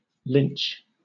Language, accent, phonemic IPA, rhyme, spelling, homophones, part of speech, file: English, Southern England, /lɪnt͡ʃ/, -ɪntʃ, lynch, Lynch, verb / noun, LL-Q1860 (eng)-lynch.wav
- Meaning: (verb) 1. To execute (somebody) without a proper legal trial or procedure, especially by hanging and backed by a mob 2. To castigate severely; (noun) Alternative form of linch